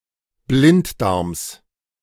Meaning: genitive singular of Blinddarm
- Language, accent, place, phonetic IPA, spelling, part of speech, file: German, Germany, Berlin, [ˈblɪntˌdaʁms], Blinddarms, noun, De-Blinddarms.ogg